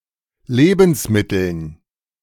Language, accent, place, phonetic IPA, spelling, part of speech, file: German, Germany, Berlin, [ˈleːbn̩sˌmɪtl̩n], Lebensmitteln, noun, De-Lebensmitteln.ogg
- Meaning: dative plural of Lebensmittel